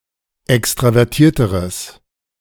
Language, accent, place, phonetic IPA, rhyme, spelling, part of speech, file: German, Germany, Berlin, [ˌɛkstʁavɛʁˈtiːɐ̯təʁəs], -iːɐ̯təʁəs, extravertierteres, adjective, De-extravertierteres.ogg
- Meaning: strong/mixed nominative/accusative neuter singular comparative degree of extravertiert